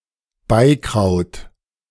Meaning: synonym of Unkraut
- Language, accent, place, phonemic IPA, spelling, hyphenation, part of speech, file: German, Germany, Berlin, /ˈbaɪ̯ˌkʁaʊ̯t/, Beikraut, Bei‧kraut, noun, De-Beikraut.ogg